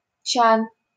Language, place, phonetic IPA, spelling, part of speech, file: Russian, Saint Petersburg, [t͡ɕan], чан, noun, LL-Q7737 (rus)-чан.wav
- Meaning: tub, vat, tank; tun